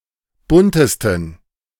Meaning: 1. superlative degree of bunt 2. inflection of bunt: strong genitive masculine/neuter singular superlative degree
- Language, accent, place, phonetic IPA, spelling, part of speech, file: German, Germany, Berlin, [ˈbʊntəstn̩], buntesten, adjective, De-buntesten.ogg